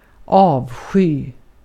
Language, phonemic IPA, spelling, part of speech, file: Swedish, /ˈɑːvˌɧyː/, avsky, noun / verb, Sv-avsky.ogg
- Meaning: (noun) loathing (a feeling of intense dislike); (verb) to loathe, detest